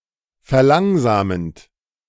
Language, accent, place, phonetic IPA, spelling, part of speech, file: German, Germany, Berlin, [fɛɐ̯ˈlaŋzaːmənt], verlangsamend, verb, De-verlangsamend.ogg
- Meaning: present participle of verlangsamen